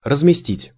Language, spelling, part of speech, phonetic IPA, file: Russian, разместить, verb, [rəzmʲɪˈsʲtʲitʲ], Ru-разместить.ogg
- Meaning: 1. to place, to put, to stow 2. to accommodate, to put up, to house, to quarter, to billet 3. to deploy, to station 4. to invest, to place